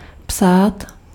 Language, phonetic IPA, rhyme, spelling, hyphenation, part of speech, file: Czech, [ˈpsaːt], -aːt, psát, psát, verb, Cs-psát.ogg
- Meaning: to write